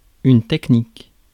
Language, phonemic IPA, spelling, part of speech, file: French, /tɛk.nik/, technique, adjective / noun, Fr-technique.ogg
- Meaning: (adjective) technical; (noun) technique, technology